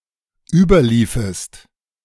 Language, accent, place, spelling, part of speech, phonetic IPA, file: German, Germany, Berlin, überliefest, verb, [ˈyːbɐˌliːfəst], De-überliefest.ogg
- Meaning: second-person singular dependent subjunctive II of überlaufen